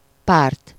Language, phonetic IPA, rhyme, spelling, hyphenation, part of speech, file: Hungarian, [ˈpaːrt], -aːrt, párt, párt, noun, Hu-párt.ogg
- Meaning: 1. party (political group) 2. protection 3. accusative singular of pár